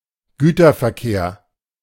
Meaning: freight traffic
- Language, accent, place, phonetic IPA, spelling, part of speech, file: German, Germany, Berlin, [ˈɡyːtɐfɛɐ̯ˌkeːɐ̯], Güterverkehr, noun, De-Güterverkehr.ogg